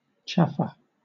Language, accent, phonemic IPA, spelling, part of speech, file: English, Southern England, /ˈtʃæfə/, chaffer, verb / noun, LL-Q1860 (eng)-chaffer.wav
- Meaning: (verb) 1. To haggle or barter 2. To buy 3. To talk much and idly; to chatter; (noun) 1. Bargaining; merchandise 2. A person's mouth